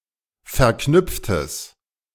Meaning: strong/mixed nominative/accusative neuter singular of verknüpft
- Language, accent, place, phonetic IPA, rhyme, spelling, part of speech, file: German, Germany, Berlin, [fɛɐ̯ˈknʏp͡ftəs], -ʏp͡ftəs, verknüpftes, adjective, De-verknüpftes.ogg